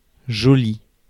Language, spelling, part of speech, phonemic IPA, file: French, joli, adjective, /ʒɔ.li/, Fr-joli.ogg
- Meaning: 1. pretty; cute 2. jolly, nice, pleasant, agreeable